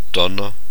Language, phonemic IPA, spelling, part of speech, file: German, /ˈdɔnɐ/, Donner, noun, De-Donner.ogg
- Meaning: thunder